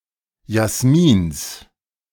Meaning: genitive of Jasmin
- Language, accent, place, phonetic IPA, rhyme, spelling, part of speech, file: German, Germany, Berlin, [jasˈmiːns], -iːns, Jasmins, noun, De-Jasmins.ogg